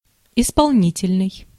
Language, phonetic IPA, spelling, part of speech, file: Russian, [ɪspɐɫˈnʲitʲɪlʲnɨj], исполнительный, adjective, Ru-исполнительный.ogg
- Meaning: 1. conscientious (working thoroughly, executing orders precisely and fast) 2. executive (designed for execution) 3. obedient